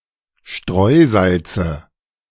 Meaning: nominative/accusative/genitive plural of Streusalz
- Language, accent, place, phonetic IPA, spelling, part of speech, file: German, Germany, Berlin, [ˈʃtʁɔɪ̯ˌzalt͡sə], Streusalze, noun, De-Streusalze.ogg